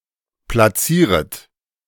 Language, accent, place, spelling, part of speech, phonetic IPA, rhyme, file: German, Germany, Berlin, platzieret, verb, [plaˈt͡siːʁət], -iːʁət, De-platzieret.ogg
- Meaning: second-person plural subjunctive I of platzieren